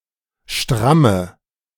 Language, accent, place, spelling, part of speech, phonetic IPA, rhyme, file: German, Germany, Berlin, stramme, adjective, [ˈʃtʁamə], -amə, De-stramme.ogg
- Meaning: inflection of stramm: 1. strong/mixed nominative/accusative feminine singular 2. strong nominative/accusative plural 3. weak nominative all-gender singular 4. weak accusative feminine/neuter singular